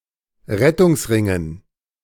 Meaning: dative plural of Rettungsring
- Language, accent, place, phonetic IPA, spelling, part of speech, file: German, Germany, Berlin, [ˈʁɛtʊŋsˌʁɪŋən], Rettungsringen, noun, De-Rettungsringen.ogg